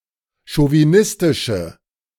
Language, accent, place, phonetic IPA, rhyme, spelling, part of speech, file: German, Germany, Berlin, [ʃoviˈnɪstɪʃə], -ɪstɪʃə, chauvinistische, adjective, De-chauvinistische.ogg
- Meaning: inflection of chauvinistisch: 1. strong/mixed nominative/accusative feminine singular 2. strong nominative/accusative plural 3. weak nominative all-gender singular